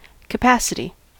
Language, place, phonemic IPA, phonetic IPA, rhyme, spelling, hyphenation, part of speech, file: English, California, /kəˈpæsɪti/, [kəˈpæsɪɾi], -æsɪti, capacity, ca‧pa‧ci‧ty, noun / adjective, En-us-capacity.ogg
- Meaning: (noun) 1. The ability to hold, receive, or absorb 2. A measure of such ability; volume 3. A measure of such ability; volume.: The maximum amount that can be held